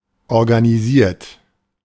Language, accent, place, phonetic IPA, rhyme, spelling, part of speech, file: German, Germany, Berlin, [ɔʁɡaniˈziːɐ̯t], -iːɐ̯t, organisiert, adjective / verb, De-organisiert.ogg
- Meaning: 1. past participle of organisieren 2. inflection of organisieren: third-person singular present 3. inflection of organisieren: second-person plural present